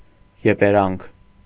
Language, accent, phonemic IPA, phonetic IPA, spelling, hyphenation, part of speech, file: Armenian, Eastern Armenian, /jepeˈɾɑnkʰ/, [jepeɾɑ́ŋkʰ], եպերանք, ե‧պե‧րանք, noun, Hy-եպերանք.ogg
- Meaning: blame, condemnation, reproach